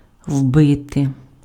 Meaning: 1. to beat in, to drive in, to hammer in, to stick in (insert something into a surface or object with force) 2. alternative form of уби́ти pf (ubýty, “to kill, to murder (etc.)”)
- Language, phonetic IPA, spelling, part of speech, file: Ukrainian, [ˈwbɪte], вбити, verb, Uk-вбити.ogg